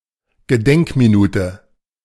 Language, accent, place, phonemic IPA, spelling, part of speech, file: German, Germany, Berlin, /ɡəˈdɛŋkmiˌnuːtə/, Gedenkminute, noun, De-Gedenkminute.ogg
- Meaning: moment of silence, moment of thought